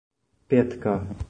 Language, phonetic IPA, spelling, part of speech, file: Czech, [ˈpjɛtka], pětka, noun, Cs-pětka.oga
- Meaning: 1. five (digit or figure) 2. ten korunas 3. try (type of scoring play worth five points)